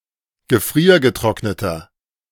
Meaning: inflection of gefriergetrocknet: 1. strong/mixed nominative masculine singular 2. strong genitive/dative feminine singular 3. strong genitive plural
- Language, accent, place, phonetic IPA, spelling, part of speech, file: German, Germany, Berlin, [ɡəˈfʁiːɐ̯ɡəˌtʁɔknətɐ], gefriergetrockneter, adjective, De-gefriergetrockneter.ogg